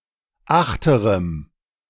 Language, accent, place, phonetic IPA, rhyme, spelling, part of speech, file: German, Germany, Berlin, [ˈaxtəʁəm], -axtəʁəm, achterem, adjective, De-achterem.ogg
- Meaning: strong dative masculine/neuter singular of achterer